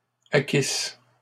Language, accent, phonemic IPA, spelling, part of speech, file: French, Canada, /a.kis/, acquisse, verb, LL-Q150 (fra)-acquisse.wav
- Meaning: first-person singular imperfect subjunctive of acquérir